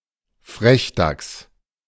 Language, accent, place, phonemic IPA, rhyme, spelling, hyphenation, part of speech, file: German, Germany, Berlin, /ˈfʁɛçˌdaks/, -aks, Frechdachs, Frech‧dachs, noun, De-Frechdachs.ogg
- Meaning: rascal